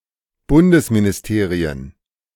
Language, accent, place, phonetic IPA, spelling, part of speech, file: German, Germany, Berlin, [ˈbʊndəsminɪsˌteːʁiən], Bundesministerien, noun, De-Bundesministerien.ogg
- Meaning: plural of Bundesministerium